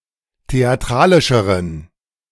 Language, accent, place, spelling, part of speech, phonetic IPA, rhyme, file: German, Germany, Berlin, theatralischeren, adjective, [teaˈtʁaːlɪʃəʁən], -aːlɪʃəʁən, De-theatralischeren.ogg
- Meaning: inflection of theatralisch: 1. strong genitive masculine/neuter singular comparative degree 2. weak/mixed genitive/dative all-gender singular comparative degree